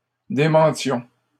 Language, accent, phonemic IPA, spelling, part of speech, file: French, Canada, /de.mɑ̃.tjɔ̃/, démentions, verb, LL-Q150 (fra)-démentions.wav
- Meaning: inflection of démentir: 1. first-person plural imperfect indicative 2. first-person plural present subjunctive